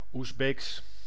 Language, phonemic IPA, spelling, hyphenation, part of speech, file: Dutch, /uzˈbeːks/, Oezbeeks, Oez‧beeks, adjective / proper noun, Nl-Oezbeeks.ogg
- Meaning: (adjective) 1. relating, belonging to the Uzbek people, culture 2. relating, in belonging to the Uzbek language 3. relating, belonging to Uzbekistan; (proper noun) the Uzbek language